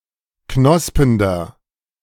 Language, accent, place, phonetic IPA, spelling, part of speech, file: German, Germany, Berlin, [ˈknɔspəndɐ], knospender, adjective, De-knospender.ogg
- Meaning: inflection of knospend: 1. strong/mixed nominative masculine singular 2. strong genitive/dative feminine singular 3. strong genitive plural